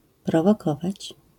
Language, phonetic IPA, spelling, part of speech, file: Polish, [ˌprɔvɔˈkɔvat͡ɕ], prowokować, verb, LL-Q809 (pol)-prowokować.wav